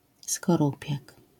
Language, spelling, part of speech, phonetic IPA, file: Polish, skorupiak, noun, [skɔˈrupʲjak], LL-Q809 (pol)-skorupiak.wav